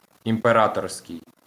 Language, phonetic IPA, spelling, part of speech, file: Ukrainian, [impeˈratɔrsʲkei̯], імператорський, adjective, LL-Q8798 (ukr)-імператорський.wav
- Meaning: imperial, emperor's (of or relating to the role of an emperor)